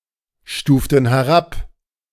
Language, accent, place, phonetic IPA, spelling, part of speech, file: German, Germany, Berlin, [ˌʃtuːftn̩ hɛˈʁap], stuften herab, verb, De-stuften herab.ogg
- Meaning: inflection of herabstufen: 1. first/third-person plural preterite 2. first/third-person plural subjunctive II